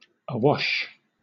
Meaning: Washed by the waves or tide (of a rock or strip of shore, or of an anchor, etc., when flush with the surface of the water, so that the waves break over it); covered with water
- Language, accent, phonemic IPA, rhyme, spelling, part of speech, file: English, Southern England, /əˈwɒʃ/, -ɒʃ, awash, adjective, LL-Q1860 (eng)-awash.wav